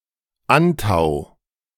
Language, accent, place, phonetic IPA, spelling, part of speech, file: German, Germany, Berlin, [ˈantaʊ̯], Antau, proper noun, De-Antau.ogg
- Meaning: a municipality of Burgenland, Austria